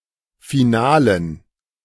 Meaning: dative plural of Finale
- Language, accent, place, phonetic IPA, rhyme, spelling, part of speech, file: German, Germany, Berlin, [fiˈnaːlən], -aːlən, Finalen, noun, De-Finalen.ogg